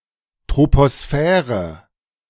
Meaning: troposphere
- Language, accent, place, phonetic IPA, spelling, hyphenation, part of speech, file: German, Germany, Berlin, [tʁ̥opoˈsfɛːʁə], Troposphäre, Tro‧po‧sphä‧re, noun, De-Troposphäre.ogg